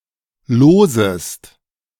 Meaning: second-person singular subjunctive I of losen
- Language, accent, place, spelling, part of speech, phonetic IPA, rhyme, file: German, Germany, Berlin, losest, verb, [ˈloːzəst], -oːzəst, De-losest.ogg